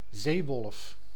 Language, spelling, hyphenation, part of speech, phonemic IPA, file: Dutch, zeewolf, zee‧wolf, noun, /ˈzeː.ʋɔlf/, Nl-zeewolf.ogg
- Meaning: 1. Atlantic wolffish (Anarhichas lupus) 2. wolffish, any member of the Anarhichadidae